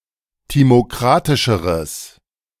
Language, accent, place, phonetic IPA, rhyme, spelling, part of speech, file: German, Germany, Berlin, [ˌtimoˈkʁatɪʃəʁəs], -atɪʃəʁəs, timokratischeres, adjective, De-timokratischeres.ogg
- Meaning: strong/mixed nominative/accusative neuter singular comparative degree of timokratisch